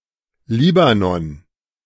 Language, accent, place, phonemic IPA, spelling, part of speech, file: German, Germany, Berlin, /ˈliːbanɔn/, Libanon, proper noun, De-Libanon.ogg
- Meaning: 1. Lebanon, Mount Lebanon (a mountain range in the country of Lebanon, West Asia; in full, Mount Lebanon) 2. Lebanon (a country in West Asia in the Middle East)